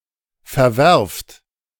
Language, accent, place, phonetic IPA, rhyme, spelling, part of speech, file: German, Germany, Berlin, [fɛɐ̯ˈvɛʁft], -ɛʁft, verwerft, verb, De-verwerft.ogg
- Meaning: inflection of verwerfen: 1. second-person plural present 2. plural imperative